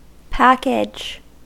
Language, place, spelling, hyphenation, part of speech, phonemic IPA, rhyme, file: English, California, package, pack‧age, noun / verb, /ˈpæk.ɪd͡ʒ/, -ækɪdʒ, En-us-package.ogg
- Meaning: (noun) 1. Something which is packed, a parcel, a box, an envelope 2. Something which consists of various components, such as a piece of computer software